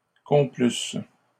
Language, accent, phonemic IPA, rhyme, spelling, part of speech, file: French, Canada, /kɔ̃.plys/, -ys, complusses, verb, LL-Q150 (fra)-complusses.wav
- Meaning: second-person singular imperfect subjunctive of complaire